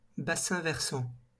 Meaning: catchment basin, drainage basin, watershed
- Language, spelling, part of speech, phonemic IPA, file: French, bassin versant, noun, /ba.sɛ̃ vɛʁ.sɑ̃/, LL-Q150 (fra)-bassin versant.wav